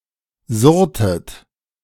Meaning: inflection of surren: 1. second-person plural preterite 2. second-person plural subjunctive II
- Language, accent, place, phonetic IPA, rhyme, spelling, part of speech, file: German, Germany, Berlin, [ˈzʊʁtət], -ʊʁtət, surrtet, verb, De-surrtet.ogg